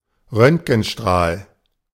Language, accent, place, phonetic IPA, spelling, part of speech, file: German, Germany, Berlin, [ˈʁœntɡn̩ˌʃtʁaːl], Röntgenstrahl, noun, De-Röntgenstrahl.ogg
- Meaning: X-ray (beam)